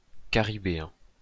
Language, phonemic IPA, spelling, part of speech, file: French, /ka.ʁi.be.ɛ̃/, caribéen, adjective, LL-Q150 (fra)-caribéen.wav
- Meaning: Caribbean